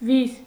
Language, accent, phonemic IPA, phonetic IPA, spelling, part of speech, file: Armenian, Eastern Armenian, /viz/, [viz], վիզ, noun, Hy-վիզ.ogg
- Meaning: 1. neck 2. isthmus